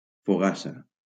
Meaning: 1. boule (a round loaf of bread) 2. a type of sweet bun 3. a round of cheese
- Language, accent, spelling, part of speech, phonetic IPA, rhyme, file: Catalan, Valencia, fogassa, noun, [foˈɣa.sa], -asa, LL-Q7026 (cat)-fogassa.wav